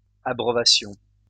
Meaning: first-person plural imperfect subjunctive of abreuver
- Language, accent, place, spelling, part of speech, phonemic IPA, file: French, France, Lyon, abreuvassions, verb, /a.bʁœ.va.sjɔ̃/, LL-Q150 (fra)-abreuvassions.wav